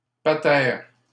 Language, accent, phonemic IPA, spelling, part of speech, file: French, Canada, /pa.tɛʁ/, patère, noun, LL-Q150 (fra)-patère.wav
- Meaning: 1. patera 2. peg (a protrusion used to hang things on)